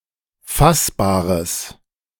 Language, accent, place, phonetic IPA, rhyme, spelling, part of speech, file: German, Germany, Berlin, [ˈfasbaːʁəs], -asbaːʁəs, fassbares, adjective, De-fassbares.ogg
- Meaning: strong/mixed nominative/accusative neuter singular of fassbar